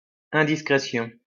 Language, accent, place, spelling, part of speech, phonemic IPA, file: French, France, Lyon, indiscrétion, noun, /ɛ̃.dis.kʁe.sjɔ̃/, LL-Q150 (fra)-indiscrétion.wav
- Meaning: indiscretion